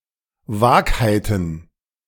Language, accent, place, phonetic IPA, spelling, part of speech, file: German, Germany, Berlin, [ˈvaːkhaɪ̯tn̩], Vagheiten, noun, De-Vagheiten.ogg
- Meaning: plural of Vagheit